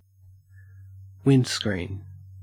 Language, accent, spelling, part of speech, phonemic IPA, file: English, Australia, windscreen, noun / verb, /ˈwɪn(d).skɹiːn/, En-au-windscreen.ogg
- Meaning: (noun) A transparent screen made of glass, located at the front of a vehicle in order to protect its occupants from the wind and weather